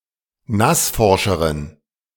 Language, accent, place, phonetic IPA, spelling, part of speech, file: German, Germany, Berlin, [ˈnasˌfɔʁʃəʁən], nassforscheren, adjective, De-nassforscheren.ogg
- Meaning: inflection of nassforsch: 1. strong genitive masculine/neuter singular comparative degree 2. weak/mixed genitive/dative all-gender singular comparative degree